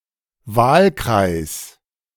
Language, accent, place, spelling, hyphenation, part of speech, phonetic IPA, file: German, Germany, Berlin, Wahlkreis, Wahl‧kreis, noun, [ˈvaːlkʁaɪ̯s], De-Wahlkreis.ogg
- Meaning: electoral district, constituency